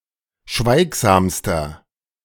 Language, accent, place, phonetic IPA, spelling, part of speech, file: German, Germany, Berlin, [ˈʃvaɪ̯kzaːmstɐ], schweigsamster, adjective, De-schweigsamster.ogg
- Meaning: inflection of schweigsam: 1. strong/mixed nominative masculine singular superlative degree 2. strong genitive/dative feminine singular superlative degree 3. strong genitive plural superlative degree